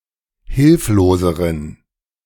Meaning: inflection of hilflos: 1. strong genitive masculine/neuter singular comparative degree 2. weak/mixed genitive/dative all-gender singular comparative degree
- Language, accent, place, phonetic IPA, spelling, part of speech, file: German, Germany, Berlin, [ˈhɪlfloːzəʁən], hilfloseren, adjective, De-hilfloseren.ogg